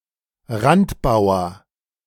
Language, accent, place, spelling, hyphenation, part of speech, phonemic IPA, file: German, Germany, Berlin, Randbauer, Rand‧bau‧er, noun, /ˈʁantˌbaʊ̯ɐ/, De-Randbauer.ogg
- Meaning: rook's pawn